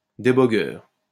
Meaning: debugger
- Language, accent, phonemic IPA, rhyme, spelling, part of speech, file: French, France, /de.bɔ.ɡœʁ/, -œʁ, débogueur, noun, LL-Q150 (fra)-débogueur.wav